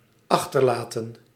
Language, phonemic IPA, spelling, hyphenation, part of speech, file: Dutch, /ˈɑxtərlaːtə(n)/, achterlaten, ach‧ter‧la‧ten, verb, Nl-achterlaten.ogg
- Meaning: to leave behind, to abandon